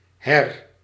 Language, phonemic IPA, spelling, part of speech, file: Dutch, /ɦɛr/, her-, prefix, Nl-her-.ogg
- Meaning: re-